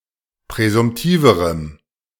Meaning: strong dative masculine/neuter singular comparative degree of präsumtiv
- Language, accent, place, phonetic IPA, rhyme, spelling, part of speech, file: German, Germany, Berlin, [pʁɛzʊmˈtiːvəʁəm], -iːvəʁəm, präsumtiverem, adjective, De-präsumtiverem.ogg